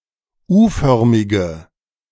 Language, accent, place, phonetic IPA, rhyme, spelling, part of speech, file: German, Germany, Berlin, [ˈuːˌfœʁmɪɡə], -uːfœʁmɪɡə, U-förmige, adjective, De-U-förmige.ogg
- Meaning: inflection of U-förmig: 1. strong/mixed nominative/accusative feminine singular 2. strong nominative/accusative plural 3. weak nominative all-gender singular